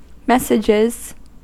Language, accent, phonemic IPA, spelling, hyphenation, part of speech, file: English, US, /ˈmɛs.ɪ.d͡ʒɪz/, messages, mes‧sages, noun / verb, En-us-messages.ogg
- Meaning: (noun) 1. plural of message 2. Shopping, groceries, errands; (verb) third-person singular simple present indicative of message